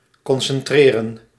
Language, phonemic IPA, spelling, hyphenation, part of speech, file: Dutch, /kɔnsɛnˈtreːrə(n)/, concentreren, con‧cen‧tre‧ren, verb, Nl-concentreren.ogg
- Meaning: 1. to concentrate 2. to concentrate (the mind), to focus